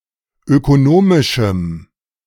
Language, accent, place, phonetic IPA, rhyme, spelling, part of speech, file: German, Germany, Berlin, [økoˈnoːmɪʃm̩], -oːmɪʃm̩, ökonomischem, adjective, De-ökonomischem.ogg
- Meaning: strong dative masculine/neuter singular of ökonomisch